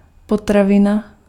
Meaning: 1. piece of food 2. foodstuff
- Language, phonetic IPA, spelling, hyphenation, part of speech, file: Czech, [ˈpotravɪna], potravina, po‧tra‧vi‧na, noun, Cs-potravina.ogg